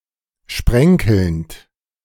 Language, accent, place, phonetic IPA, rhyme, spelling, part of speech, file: German, Germany, Berlin, [ˈʃpʁɛŋkl̩nt], -ɛŋkl̩nt, sprenkelnd, verb, De-sprenkelnd.ogg
- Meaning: present participle of sprenkeln